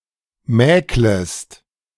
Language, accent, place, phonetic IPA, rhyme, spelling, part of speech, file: German, Germany, Berlin, [ˈmɛːkləst], -ɛːkləst, mäklest, verb, De-mäklest.ogg
- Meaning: second-person singular subjunctive I of mäkeln